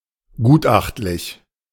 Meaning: expert
- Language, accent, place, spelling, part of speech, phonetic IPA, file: German, Germany, Berlin, gutachtlich, adjective, [ˈɡuːtˌʔaxtlɪç], De-gutachtlich.ogg